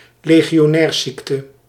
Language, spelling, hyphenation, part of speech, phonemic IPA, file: Dutch, legionairsziekte, le‧gi‧o‧nairs‧ziek‧te, noun, /leː.ɣi.oːˈnɛːrˌsik.tə/, Nl-legionairsziekte.ogg
- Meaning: Legionnaires' disease